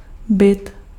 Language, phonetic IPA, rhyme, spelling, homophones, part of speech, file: Czech, [ˈbɪt], -ɪt, byt, bit, noun, Cs-byt.ogg
- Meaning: apartment, flat (UK)